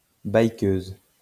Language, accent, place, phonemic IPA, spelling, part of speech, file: French, France, Lyon, /baj.køz/, bikeuse, noun, LL-Q150 (fra)-bikeuse.wav
- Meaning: female equivalent of bikeur